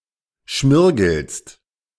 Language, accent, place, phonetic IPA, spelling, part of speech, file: German, Germany, Berlin, [ˈʃmɪʁɡl̩st], schmirgelst, verb, De-schmirgelst.ogg
- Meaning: second-person singular present of schmirgeln